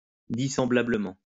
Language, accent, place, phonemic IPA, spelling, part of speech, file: French, France, Lyon, /di.sɑ̃.bla.blə.mɑ̃/, dissemblablement, adverb, LL-Q150 (fra)-dissemblablement.wav
- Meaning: dissimilarly